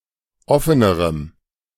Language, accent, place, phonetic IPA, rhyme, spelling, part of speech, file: German, Germany, Berlin, [ˈɔfənəʁəm], -ɔfənəʁəm, offenerem, adjective, De-offenerem.ogg
- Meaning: strong dative masculine/neuter singular comparative degree of offen